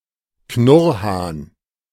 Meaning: gurnard (marine fish of the family Triglidae)
- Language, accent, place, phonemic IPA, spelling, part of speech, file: German, Germany, Berlin, /ˈknʊʁˌhaːn/, Knurrhahn, noun, De-Knurrhahn.ogg